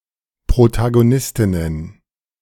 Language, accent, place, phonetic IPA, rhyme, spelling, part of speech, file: German, Germany, Berlin, [pʁotaɡoˈnɪstɪnən], -ɪstɪnən, Protagonistinnen, noun, De-Protagonistinnen.ogg
- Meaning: plural of Protagonistin